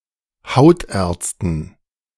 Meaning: dative plural of Hautarzt
- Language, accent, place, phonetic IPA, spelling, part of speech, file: German, Germany, Berlin, [ˈhaʊ̯tʔɛːɐ̯t͡stn̩], Hautärzten, noun, De-Hautärzten.ogg